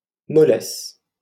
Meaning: 1. softness 2. lack of vitality, limpness, feebleness, weakness, sluggishness
- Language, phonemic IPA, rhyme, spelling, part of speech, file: French, /mɔ.lɛs/, -ɛs, mollesse, noun, LL-Q150 (fra)-mollesse.wav